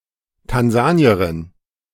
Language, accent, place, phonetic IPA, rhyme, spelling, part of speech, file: German, Germany, Berlin, [tanˈzaːni̯əʁɪn], -aːni̯əʁɪn, Tansanierin, noun, De-Tansanierin.ogg
- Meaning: female Tanzanian